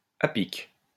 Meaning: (adverb) at just the right moment, just at the right time, just when needed, in a timely fashion; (adjective) precipitous, perpendicular, vertical
- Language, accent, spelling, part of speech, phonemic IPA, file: French, France, à pic, adverb / adjective, /a pik/, LL-Q150 (fra)-à pic.wav